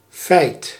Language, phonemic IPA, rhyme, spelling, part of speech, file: Dutch, /fɛi̯t/, -ɛi̯t, feit, noun, Nl-feit.ogg
- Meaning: fact